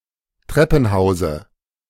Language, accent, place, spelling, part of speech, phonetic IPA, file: German, Germany, Berlin, Treppenhause, noun, [ˈtʁɛpn̩ˌhaʊ̯zə], De-Treppenhause.ogg
- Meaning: dative of Treppenhaus